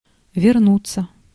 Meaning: 1. to return, to come back (from) 2. to revert (to) 3. passive of верну́ть (vernútʹ)
- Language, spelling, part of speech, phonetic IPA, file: Russian, вернуться, verb, [vʲɪrˈnut͡sːə], Ru-вернуться.ogg